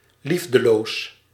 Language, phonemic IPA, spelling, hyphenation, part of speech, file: Dutch, /ˈlif.dəˌloːs/, liefdeloos, lief‧de‧loos, adjective, Nl-liefdeloos.ogg
- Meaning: loveless